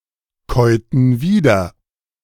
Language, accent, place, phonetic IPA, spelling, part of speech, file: German, Germany, Berlin, [ˌkɔɪ̯tn̩ ˈviːdɐ], käuten wieder, verb, De-käuten wieder.ogg
- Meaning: inflection of wiederkäuen: 1. first/third-person plural preterite 2. first/third-person plural subjunctive II